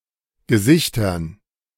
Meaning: dative plural of Gesicht
- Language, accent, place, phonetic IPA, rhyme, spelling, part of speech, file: German, Germany, Berlin, [ɡəˈzɪçtɐn], -ɪçtɐn, Gesichtern, noun, De-Gesichtern.ogg